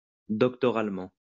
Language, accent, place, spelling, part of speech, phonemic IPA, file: French, France, Lyon, doctoralement, adverb, /dɔk.tɔ.ʁal.mɑ̃/, LL-Q150 (fra)-doctoralement.wav
- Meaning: doctorally